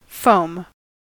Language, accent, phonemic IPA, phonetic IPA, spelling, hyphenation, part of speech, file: English, US, /ˈfɔʊ̯m/, [ˈfɔʊ̯m], foam, foam, noun / verb, En-us-foam.ogg
- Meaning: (noun) A substance composed of a large collection of bubbles or their solidified remains, especially